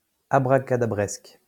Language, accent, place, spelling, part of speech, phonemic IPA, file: French, France, Lyon, abracadabresque, adjective, /a.bʁa.ka.da.bʁɛsk/, LL-Q150 (fra)-abracadabresque.wav
- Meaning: alternative form of abracadabrantesque